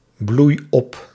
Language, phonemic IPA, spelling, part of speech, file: Dutch, /ˈbluj ˈɔp/, bloei op, verb, Nl-bloei op.ogg
- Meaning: inflection of opbloeien: 1. first-person singular present indicative 2. second-person singular present indicative 3. imperative